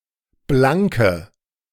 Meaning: inflection of blank: 1. strong/mixed nominative/accusative feminine singular 2. strong nominative/accusative plural 3. weak nominative all-gender singular 4. weak accusative feminine/neuter singular
- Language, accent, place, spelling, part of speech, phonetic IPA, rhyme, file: German, Germany, Berlin, blanke, adjective, [ˈblaŋkə], -aŋkə, De-blanke.ogg